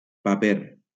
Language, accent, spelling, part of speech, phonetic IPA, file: Catalan, Valencia, paper, noun, [paˈpeɾ], LL-Q7026 (cat)-paper.wav
- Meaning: 1. paper 2. role